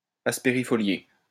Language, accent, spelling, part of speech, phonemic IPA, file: French, France, aspérifolié, adjective, /as.pe.ʁi.fɔ.lje/, LL-Q150 (fra)-aspérifolié.wav
- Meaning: asperifoliate, asperifolious